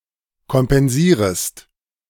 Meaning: second-person singular subjunctive I of kompensieren
- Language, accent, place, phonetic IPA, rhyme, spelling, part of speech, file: German, Germany, Berlin, [kɔmpɛnˈziːʁəst], -iːʁəst, kompensierest, verb, De-kompensierest.ogg